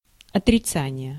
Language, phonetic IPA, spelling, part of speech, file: Russian, [ɐtrʲɪˈt͡sanʲɪje], отрицание, noun, Ru-отрицание.ogg
- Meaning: negation, denial